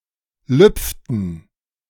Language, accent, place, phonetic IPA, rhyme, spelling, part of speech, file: German, Germany, Berlin, [ˈlʏp͡ftn̩], -ʏp͡ftn̩, lüpften, verb, De-lüpften.ogg
- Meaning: inflection of lüpfen: 1. first/third-person plural preterite 2. first/third-person plural subjunctive II